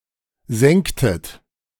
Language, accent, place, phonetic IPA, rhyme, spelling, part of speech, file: German, Germany, Berlin, [ˈzɛŋktət], -ɛŋktət, senktet, verb, De-senktet.ogg
- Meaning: inflection of senken: 1. second-person plural preterite 2. second-person plural subjunctive II